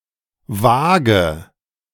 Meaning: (noun) 1. scales (weighing machine) 2. Libra; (proper noun) a surname
- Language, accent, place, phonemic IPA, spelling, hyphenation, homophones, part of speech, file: German, Germany, Berlin, /ˈvaːɡə/, Waage, Waa‧ge, vage / wage, noun / proper noun, De-Waage.ogg